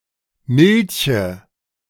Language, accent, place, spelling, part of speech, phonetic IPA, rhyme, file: German, Germany, Berlin, Milche, noun, [ˈmɪlçə], -ɪlçə, De-Milche.ogg
- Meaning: nominative/accusative/genitive plural of Milch, used only in professional context, not in the daily language